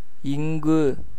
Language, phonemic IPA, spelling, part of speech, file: Tamil, /ɪŋɡɯ/, இங்கு, adverb / verb, Ta-இங்கு.ogg
- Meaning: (adverb) here, in this place; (verb) to abide, stay